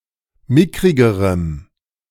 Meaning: strong dative masculine/neuter singular comparative degree of mickrig
- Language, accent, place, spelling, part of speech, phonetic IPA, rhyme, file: German, Germany, Berlin, mickrigerem, adjective, [ˈmɪkʁɪɡəʁəm], -ɪkʁɪɡəʁəm, De-mickrigerem.ogg